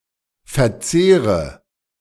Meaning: inflection of verzehren: 1. first-person singular present 2. first/third-person singular subjunctive I 3. singular imperative
- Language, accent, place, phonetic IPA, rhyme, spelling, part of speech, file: German, Germany, Berlin, [fɛɐ̯ˈt͡seːʁə], -eːʁə, verzehre, verb, De-verzehre.ogg